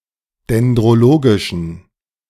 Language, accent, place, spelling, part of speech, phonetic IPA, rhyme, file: German, Germany, Berlin, dendrologischen, adjective, [dɛndʁoˈloːɡɪʃn̩], -oːɡɪʃn̩, De-dendrologischen.ogg
- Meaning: inflection of dendrologisch: 1. strong genitive masculine/neuter singular 2. weak/mixed genitive/dative all-gender singular 3. strong/weak/mixed accusative masculine singular 4. strong dative plural